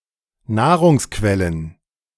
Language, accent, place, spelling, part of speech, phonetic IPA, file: German, Germany, Berlin, Nahrungsquellen, noun, [ˈnaːʁʊŋsˌkvɛlən], De-Nahrungsquellen.ogg
- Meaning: plural of Nahrungsquelle